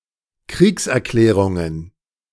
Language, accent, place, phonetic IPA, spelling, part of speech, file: German, Germany, Berlin, [ˈkʁiːksʔɛɐ̯ˌklɛːʁʊŋən], Kriegserklärungen, noun, De-Kriegserklärungen.ogg
- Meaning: plural of Kriegserklärung